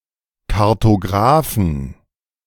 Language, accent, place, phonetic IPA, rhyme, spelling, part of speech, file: German, Germany, Berlin, [kaʁtoˈɡʁaːfn̩], -aːfn̩, Kartografen, noun, De-Kartografen.ogg
- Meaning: inflection of Kartograf: 1. genitive/dative/accusative singular 2. nominative/genitive/dative/accusative plural